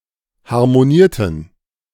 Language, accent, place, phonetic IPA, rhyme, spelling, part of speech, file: German, Germany, Berlin, [haʁmoˈniːɐ̯tn̩], -iːɐ̯tn̩, harmonierten, verb, De-harmonierten.ogg
- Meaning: inflection of harmonieren: 1. first/third-person plural preterite 2. first/third-person plural subjunctive II